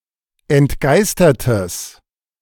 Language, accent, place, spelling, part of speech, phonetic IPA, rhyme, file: German, Germany, Berlin, entgeistertes, adjective, [ɛntˈɡaɪ̯stɐtəs], -aɪ̯stɐtəs, De-entgeistertes.ogg
- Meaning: strong/mixed nominative/accusative neuter singular of entgeistert